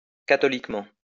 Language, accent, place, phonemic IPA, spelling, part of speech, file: French, France, Lyon, /ka.tɔ.lik.mɑ̃/, catholiquement, adverb, LL-Q150 (fra)-catholiquement.wav
- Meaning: Catholically